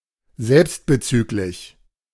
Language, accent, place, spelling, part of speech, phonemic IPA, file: German, Germany, Berlin, selbstbezüglich, adjective, /ˈzɛlpstbəˌt͡syːklɪç/, De-selbstbezüglich.ogg
- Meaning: self-referential